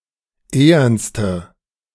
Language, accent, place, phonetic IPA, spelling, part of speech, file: German, Germany, Berlin, [ˈeːɐnstə], ehernste, adjective, De-ehernste.ogg
- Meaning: inflection of ehern: 1. strong/mixed nominative/accusative feminine singular superlative degree 2. strong nominative/accusative plural superlative degree